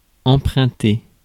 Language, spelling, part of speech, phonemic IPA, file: French, emprunter, verb, /ɑ̃.pʁœ̃.te/, Fr-emprunter.ogg
- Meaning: 1. to borrow (~ à (“from”)) 2. to take, to follow